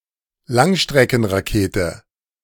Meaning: long-range missile
- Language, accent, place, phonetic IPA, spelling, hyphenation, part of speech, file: German, Germany, Berlin, [ˈlaŋʃtʁɛkn̩ʁaˌkeːtə], Langstreckenrakete, Lang‧stre‧cken‧ra‧ke‧te, noun, De-Langstreckenrakete.ogg